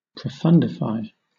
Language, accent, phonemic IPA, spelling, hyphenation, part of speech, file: English, Southern England, /pɹəˈfʌndɪfaɪ/, profundify, pro‧fund‧ify, verb, LL-Q1860 (eng)-profundify.wav
- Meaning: To make profound; to make a concept unnecessarily complicated